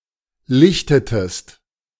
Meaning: inflection of lichten: 1. second-person singular preterite 2. second-person singular subjunctive II
- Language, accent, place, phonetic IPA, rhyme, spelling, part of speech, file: German, Germany, Berlin, [ˈlɪçtətəst], -ɪçtətəst, lichtetest, verb, De-lichtetest.ogg